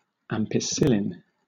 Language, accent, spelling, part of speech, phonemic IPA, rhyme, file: English, Southern England, ampicillin, noun, /ˌæm.pɪˈsɪl.ɪn/, -ɪlɪn, LL-Q1860 (eng)-ampicillin.wav
- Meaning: A semisynthetic form of penicillin C₁₆H₁₉N₃O₄S that is effective against gram-negative and gram-positive bacteria and is used to treat infections of the urinary, respiratory, and intestinal tracts